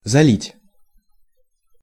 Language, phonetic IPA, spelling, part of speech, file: Russian, [zɐˈlʲitʲ], залить, verb, Ru-залить.ogg
- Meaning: 1. to flood (in terms of bodies of water) 2. to fill up (with liquid) 3. to pour on, to spill 4. to upload